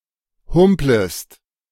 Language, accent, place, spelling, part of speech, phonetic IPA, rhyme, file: German, Germany, Berlin, humplest, verb, [ˈhʊmpləst], -ʊmpləst, De-humplest.ogg
- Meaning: second-person singular subjunctive I of humpeln